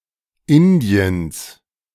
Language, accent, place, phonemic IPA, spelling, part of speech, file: German, Germany, Berlin, /ˈɪndiəns/, Indiens, proper noun, De-Indiens.ogg
- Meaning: genitive singular of Indien